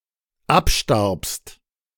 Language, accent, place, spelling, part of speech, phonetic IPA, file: German, Germany, Berlin, abstarbst, verb, [ˈapˌʃtaʁpst], De-abstarbst.ogg
- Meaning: second-person singular dependent preterite of absterben